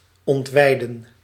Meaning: to disembowel
- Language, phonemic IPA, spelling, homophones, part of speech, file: Dutch, /ˌɔntˈʋɛi̯.də(n)/, ontweiden, ontwijden, verb, Nl-ontweiden.ogg